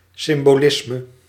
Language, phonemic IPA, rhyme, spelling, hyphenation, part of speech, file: Dutch, /sɪm.boːˈlɪs.mə/, -ɪsmə, symbolisme, sym‧bo‧lis‧me, noun, Nl-symbolisme.ogg
- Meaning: symbolism